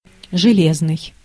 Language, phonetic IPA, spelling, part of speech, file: Russian, [ʐɨˈlʲeznɨj], железный, adjective, Ru-железный.ogg
- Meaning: 1. iron 2. ferrous 3. ferric 4. ironclad (certain, reliable, unbreakable) 5. metallic